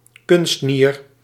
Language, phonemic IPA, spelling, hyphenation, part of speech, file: Dutch, /ˈkʏnst.nir/, kunstnier, kunst‧nier, noun, Nl-kunstnier.ogg
- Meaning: an artificial kidney